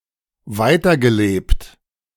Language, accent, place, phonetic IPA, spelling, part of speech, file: German, Germany, Berlin, [ˈvaɪ̯tɐɡəˌleːpt], weitergelebt, verb, De-weitergelebt.ogg
- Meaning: past participle of weiterleben